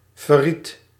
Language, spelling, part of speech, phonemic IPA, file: Dutch, verried, verb, /vəˈrit/, Nl-verried.ogg
- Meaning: singular past indicative of verraden